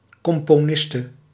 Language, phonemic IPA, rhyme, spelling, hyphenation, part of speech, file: Dutch, /ˌkɔm.poːˈnɪs.tə/, -ɪstə, componiste, com‧po‧nis‧te, noun, Nl-componiste.ogg
- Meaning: female equivalent of componist